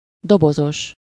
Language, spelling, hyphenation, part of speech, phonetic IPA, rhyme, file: Hungarian, dobozos, do‧bo‧zos, adjective, [ˈdobozoʃ], -oʃ, Hu-dobozos.ogg
- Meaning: boxed, tinned, canned, packaged (packed in boxes)